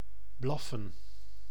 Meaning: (verb) 1. to bark, like a canine and certain others species 2. to shout rudely etc 3. to grumble, notably said of a hungry stomach 4. to utter pointless sounds, e.g. protest or argue in vain
- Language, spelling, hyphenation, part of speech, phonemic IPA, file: Dutch, blaffen, blaf‧fen, verb / noun, /ˈblɑfə(n)/, Nl-blaffen.ogg